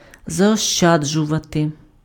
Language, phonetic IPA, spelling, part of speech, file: Ukrainian, [zɐɔʃˈt͡ʃad͡ʒʊʋɐte], заощаджувати, verb, Uk-заощаджувати.ogg
- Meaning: to save, to economize (store unspent; avoid the expenditure of)